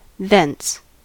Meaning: 1. From there, from that place or from that time 2. Deriving from this fact or circumstance; therefore, therefrom 3. From that time; thenceforth; thereafter
- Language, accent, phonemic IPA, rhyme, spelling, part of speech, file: English, US, /ðɛns/, -ɛns, thence, adverb, En-us-thence.ogg